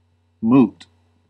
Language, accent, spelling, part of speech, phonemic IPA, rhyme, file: English, US, moot, adjective / noun, /muːt/, -uːt, En-us-moot.ogg
- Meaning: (adjective) 1. Subject to discussion (originally at a moot); arguable, debatable, unsolved or impossible to solve 2. Being an exercise of thought; academic